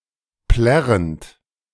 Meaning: present participle of plärren
- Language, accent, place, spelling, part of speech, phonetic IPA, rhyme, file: German, Germany, Berlin, plärrend, verb, [ˈplɛʁənt], -ɛʁənt, De-plärrend.ogg